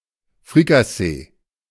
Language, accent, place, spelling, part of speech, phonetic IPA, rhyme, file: German, Germany, Berlin, Frikassee, noun, [fʁikaˈseː], -eː, De-Frikassee.ogg
- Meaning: fricassee